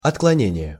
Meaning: deviation (act of deviating)
- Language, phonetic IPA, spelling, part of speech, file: Russian, [ɐtkɫɐˈnʲenʲɪje], отклонение, noun, Ru-отклонение.ogg